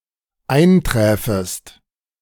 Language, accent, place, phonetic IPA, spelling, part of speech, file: German, Germany, Berlin, [ˈaɪ̯nˌtʁɛːfəst], einträfest, verb, De-einträfest.ogg
- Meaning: second-person singular dependent subjunctive II of eintreffen